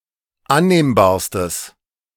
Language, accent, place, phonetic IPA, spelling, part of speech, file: German, Germany, Berlin, [ˈanneːmbaːɐ̯stəs], annehmbarstes, adjective, De-annehmbarstes.ogg
- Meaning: strong/mixed nominative/accusative neuter singular superlative degree of annehmbar